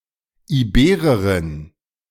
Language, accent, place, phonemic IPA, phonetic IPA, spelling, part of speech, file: German, Germany, Berlin, /iˈbeːʁəʁɪn/, [ʔiˈbeːʁɐʁɪn], Ibererin, noun, De-Ibererin.ogg
- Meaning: female equivalent of Iberer: female Iberian (a female native of Iberia)